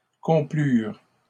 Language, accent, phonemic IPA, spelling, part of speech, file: French, Canada, /kɔ̃.plyʁ/, complurent, verb, LL-Q150 (fra)-complurent.wav
- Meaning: third-person plural past historic of complaire